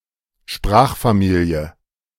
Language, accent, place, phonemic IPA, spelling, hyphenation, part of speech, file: German, Germany, Berlin, /ˈʃpʁaːχfaˌmiːliə/, Sprachfamilie, Sprach‧fa‧mi‧lie, noun, De-Sprachfamilie.ogg
- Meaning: language family